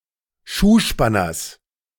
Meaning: genitive singular of Schuhspanner
- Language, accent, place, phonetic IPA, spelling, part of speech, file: German, Germany, Berlin, [ˈʃuːˌʃpanɐs], Schuhspanners, noun, De-Schuhspanners.ogg